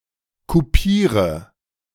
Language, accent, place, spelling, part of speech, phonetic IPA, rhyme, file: German, Germany, Berlin, kupiere, verb, [kuˈpiːʁə], -iːʁə, De-kupiere.ogg
- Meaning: inflection of kupieren: 1. first-person singular present 2. singular imperative 3. first/third-person singular subjunctive I